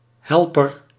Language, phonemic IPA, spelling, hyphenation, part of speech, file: Dutch, /ˈɦɛl.pər/, helper, hel‧per, noun, Nl-helper.ogg
- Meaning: one who helps, gives aid; deputy, assistant, aide, flunky